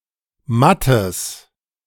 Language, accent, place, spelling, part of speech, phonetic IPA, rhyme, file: German, Germany, Berlin, mattes, adjective, [ˈmatəs], -atəs, De-mattes.ogg
- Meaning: strong/mixed nominative/accusative neuter singular of matt